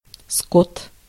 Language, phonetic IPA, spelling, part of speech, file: Russian, [skot], скот, noun, Ru-скот.ogg
- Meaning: 1. cattle, livestock 2. brute, beast (in an abusive sense)